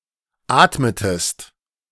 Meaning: inflection of atmen: 1. second-person singular preterite 2. second-person singular subjunctive II
- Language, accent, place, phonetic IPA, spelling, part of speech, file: German, Germany, Berlin, [ˈaːtmətəst], atmetest, verb, De-atmetest.ogg